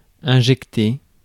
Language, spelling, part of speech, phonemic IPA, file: French, injecter, verb, /ɛ̃.ʒɛk.te/, Fr-injecter.ogg
- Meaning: to inject